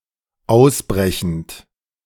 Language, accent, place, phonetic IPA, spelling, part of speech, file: German, Germany, Berlin, [ˈaʊ̯sˌbʁɛçn̩t], ausbrechend, verb, De-ausbrechend.ogg
- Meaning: present participle of ausbrechen